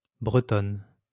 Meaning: female equivalent of Breton; female Breton (female native or inhabitant of the region of Brittany, France)
- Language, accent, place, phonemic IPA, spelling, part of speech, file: French, France, Lyon, /bʁə.tɔn/, Bretonne, noun, LL-Q150 (fra)-Bretonne.wav